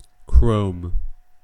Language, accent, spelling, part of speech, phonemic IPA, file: English, US, chrome, noun / verb, /kɹoʊm/, En-us-chrome.ogg
- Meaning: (noun) 1. Chromium, when used to plate other metals 2. The basic structural elements used in a graphical user interface, such as window frames and scroll bars, as opposed to the content 3. handguns